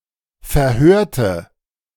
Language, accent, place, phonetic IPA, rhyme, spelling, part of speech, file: German, Germany, Berlin, [fɛɐ̯ˈhøːɐ̯tə], -øːɐ̯tə, verhörte, adjective / verb, De-verhörte.ogg
- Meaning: inflection of verhören: 1. first/third-person singular preterite 2. first/third-person singular subjunctive II